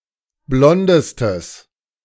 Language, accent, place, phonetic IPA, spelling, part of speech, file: German, Germany, Berlin, [ˈblɔndəstəs], blondestes, adjective, De-blondestes.ogg
- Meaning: strong/mixed nominative/accusative neuter singular superlative degree of blond